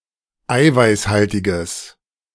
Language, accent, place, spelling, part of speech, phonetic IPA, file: German, Germany, Berlin, eiweißhaltiges, adjective, [ˈaɪ̯vaɪ̯sˌhaltɪɡəs], De-eiweißhaltiges.ogg
- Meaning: strong/mixed nominative/accusative neuter singular of eiweißhaltig